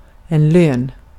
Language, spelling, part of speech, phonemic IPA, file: Swedish, lön, noun, /løːn/, Sv-lön.ogg
- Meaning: 1. reward, something given to someone for a deed or achievement 2. salary, wage